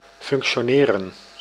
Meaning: to function, to work
- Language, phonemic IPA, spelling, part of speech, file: Dutch, /fʏnk(t)sjoːˈneːrə(n)/, functioneren, verb, Nl-functioneren.ogg